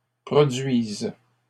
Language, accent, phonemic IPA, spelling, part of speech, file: French, Canada, /pʁɔ.dɥiz/, produise, verb, LL-Q150 (fra)-produise.wav
- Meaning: first/third-person singular present subjunctive of produire